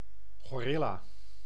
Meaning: gorilla, primate of the genus Gorilla
- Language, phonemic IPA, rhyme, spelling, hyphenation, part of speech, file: Dutch, /ˌɣoːˈrɪ.laː/, -ɪlaː, gorilla, go‧ril‧la, noun, Nl-gorilla.ogg